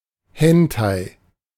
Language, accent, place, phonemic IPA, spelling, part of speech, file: German, Germany, Berlin, /ˈhɛntaɪ̯/, Hentai, noun, De-Hentai.ogg
- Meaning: hentai (anime, manga)